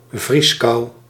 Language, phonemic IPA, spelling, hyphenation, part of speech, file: Dutch, /ˈvrisˌkɑu̯/, vrieskou, vries‧kou, noun, Nl-vrieskou.ogg
- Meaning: freezing cold, frost (subzero cold)